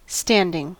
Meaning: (verb) present participle and gerund of stand; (adjective) 1. Erect, not cut down 2. Performed from an erect position 3. Remaining in force or status; ongoing 4. Stagnant; not moving or flowing
- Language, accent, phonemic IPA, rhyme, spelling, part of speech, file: English, US, /ˈstændɪŋ/, -ændɪŋ, standing, verb / adjective / noun, En-us-standing.ogg